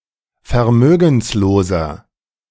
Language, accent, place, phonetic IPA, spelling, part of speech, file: German, Germany, Berlin, [fɛɐ̯ˈmøːɡn̩sloːzɐ], vermögensloser, adjective, De-vermögensloser.ogg
- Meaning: inflection of vermögenslos: 1. strong/mixed nominative masculine singular 2. strong genitive/dative feminine singular 3. strong genitive plural